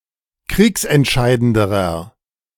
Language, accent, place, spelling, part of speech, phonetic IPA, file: German, Germany, Berlin, kriegsentscheidenderer, adjective, [ˈkʁiːksɛntˌʃaɪ̯dəndəʁɐ], De-kriegsentscheidenderer.ogg
- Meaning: inflection of kriegsentscheidend: 1. strong/mixed nominative masculine singular comparative degree 2. strong genitive/dative feminine singular comparative degree